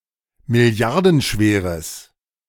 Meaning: strong/mixed nominative/accusative neuter singular of milliardenschwer
- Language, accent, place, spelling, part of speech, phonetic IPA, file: German, Germany, Berlin, milliardenschweres, adjective, [mɪˈli̯aʁdn̩ˌʃveːʁəs], De-milliardenschweres.ogg